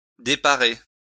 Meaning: to spoil, put out of place (make something look more ugly)
- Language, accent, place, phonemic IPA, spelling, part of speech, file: French, France, Lyon, /de.pa.ʁe/, déparer, verb, LL-Q150 (fra)-déparer.wav